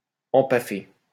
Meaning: past participle of empaffer
- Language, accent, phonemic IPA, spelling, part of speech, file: French, France, /ɑ̃.pa.fe/, empaffé, verb, LL-Q150 (fra)-empaffé.wav